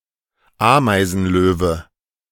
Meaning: antlion, doodlebug
- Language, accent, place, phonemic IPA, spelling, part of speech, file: German, Germany, Berlin, /ˈaːmaɪ̯zn̩ˌløːvə/, Ameisenlöwe, noun, De-Ameisenlöwe.ogg